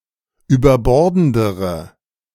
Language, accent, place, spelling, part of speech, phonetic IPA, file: German, Germany, Berlin, überbordendere, adjective, [yːbɐˈbɔʁdn̩dəʁə], De-überbordendere.ogg
- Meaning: inflection of überbordend: 1. strong/mixed nominative/accusative feminine singular comparative degree 2. strong nominative/accusative plural comparative degree